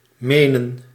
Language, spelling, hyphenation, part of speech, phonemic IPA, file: Dutch, menen, me‧nen, verb, /ˈmeː.nə(n)/, Nl-menen.ogg
- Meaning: 1. to think; to have an opinion or assumption 2. to mean (to be serious and sincere; to have conviction in) 3. to mean (to refer to; to have in mind) 4. to mean (to convey; to want to say)